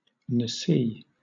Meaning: The intercalation of a month in the calendar of pre-Islamic Arabia, often considered heretical
- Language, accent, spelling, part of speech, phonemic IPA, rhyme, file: English, Southern England, nasi, noun, /nəˈsiː/, -iː, LL-Q1860 (eng)-nasi.wav